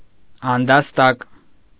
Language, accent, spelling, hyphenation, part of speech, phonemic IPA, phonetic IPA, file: Armenian, Eastern Armenian, անդաստակ, ան‧դաս‧տակ, noun, /ɑndɑsˈtɑk/, [ɑndɑstɑ́k], Hy-անդաստակ.ogg
- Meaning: vestibule